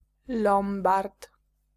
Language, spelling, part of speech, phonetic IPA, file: Polish, lombard, noun, [ˈlɔ̃mbart], Pl-lombard.ogg